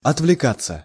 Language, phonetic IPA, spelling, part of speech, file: Russian, [ɐtvlʲɪˈkat͡sːə], отвлекаться, verb, Ru-отвлекаться.ogg
- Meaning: 1. to be distracted, to deflect/divert one's attention away 2. to digress 3. to abstract oneself 4. passive of отвлека́ть (otvlekátʹ)